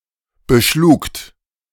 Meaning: second-person plural preterite of beschlagen
- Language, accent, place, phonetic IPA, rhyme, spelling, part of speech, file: German, Germany, Berlin, [bəˈʃluːkt], -uːkt, beschlugt, verb, De-beschlugt.ogg